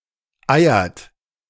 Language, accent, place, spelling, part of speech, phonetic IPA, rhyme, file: German, Germany, Berlin, eiert, verb, [ˈaɪ̯ɐt], -aɪ̯ɐt, De-eiert.ogg
- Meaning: inflection of eiern: 1. third-person singular present 2. second-person plural present 3. plural imperative